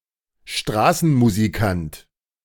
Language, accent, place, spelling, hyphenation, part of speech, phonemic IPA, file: German, Germany, Berlin, Straßenmusikant, Stra‧ßen‧mu‧si‧kant, noun, /ˈʃtʁaːsn̩muziˌkant/, De-Straßenmusikant.ogg
- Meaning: street musician